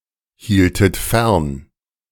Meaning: inflection of fernhalten: 1. second-person plural preterite 2. second-person plural subjunctive II
- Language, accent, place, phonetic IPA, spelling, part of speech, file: German, Germany, Berlin, [ˌhiːltət ˈfɛʁn], hieltet fern, verb, De-hieltet fern.ogg